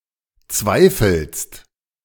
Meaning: second-person singular present of zweifeln
- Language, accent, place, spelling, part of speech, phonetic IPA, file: German, Germany, Berlin, zweifelst, verb, [ˈt͡svaɪ̯fl̩st], De-zweifelst.ogg